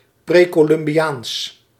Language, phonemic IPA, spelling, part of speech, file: Dutch, /ˈprekoˌlʏmbiˌjans/, precolumbiaans, adjective, Nl-precolumbiaans.ogg
- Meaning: pre-Columbian